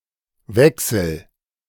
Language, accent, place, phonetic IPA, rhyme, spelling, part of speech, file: German, Germany, Berlin, [ˈvɛksl̩], -ɛksl̩, wechsel, verb, De-wechsel.ogg
- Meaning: inflection of wechseln: 1. first-person singular present 2. singular imperative